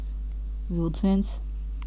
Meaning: 1. one-off event of dragging, pulling, drawing, or its result 2. train (line of connected railroad cars pulled by a locomotive) 3. a characteristic feature
- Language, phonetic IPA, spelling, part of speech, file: Latvian, [vìlciens], vilciens, noun, Lv-vilciens.ogg